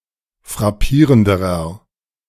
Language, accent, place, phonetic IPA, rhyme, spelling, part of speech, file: German, Germany, Berlin, [fʁaˈpiːʁəndəʁɐ], -iːʁəndəʁɐ, frappierenderer, adjective, De-frappierenderer.ogg
- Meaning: inflection of frappierend: 1. strong/mixed nominative masculine singular comparative degree 2. strong genitive/dative feminine singular comparative degree 3. strong genitive plural comparative degree